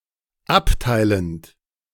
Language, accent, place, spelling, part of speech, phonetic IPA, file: German, Germany, Berlin, abteilend, verb, [ˈapˌtaɪ̯lənt], De-abteilend.ogg
- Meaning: present participle of abteilen